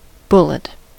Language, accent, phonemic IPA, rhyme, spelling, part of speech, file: English, US, /ˈbʊlɪt/, -ʊlɪt, bullet, noun / verb, En-us-bullet.ogg
- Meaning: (noun) A projectile, usually of metal, shot from a gun at high speed